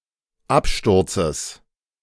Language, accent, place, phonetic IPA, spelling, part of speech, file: German, Germany, Berlin, [ˈapˌʃtʊʁt͡səs], Absturzes, noun, De-Absturzes.ogg
- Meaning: genitive singular of Absturz